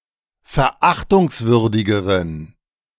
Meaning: inflection of verachtungswürdig: 1. strong genitive masculine/neuter singular comparative degree 2. weak/mixed genitive/dative all-gender singular comparative degree
- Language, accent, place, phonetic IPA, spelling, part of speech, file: German, Germany, Berlin, [fɛɐ̯ˈʔaxtʊŋsˌvʏʁdɪɡəʁən], verachtungswürdigeren, adjective, De-verachtungswürdigeren.ogg